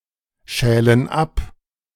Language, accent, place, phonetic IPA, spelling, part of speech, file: German, Germany, Berlin, [ˌʃɛːlən ˈap], schälen ab, verb, De-schälen ab.ogg
- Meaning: inflection of abschälen: 1. first/third-person plural present 2. first/third-person plural subjunctive I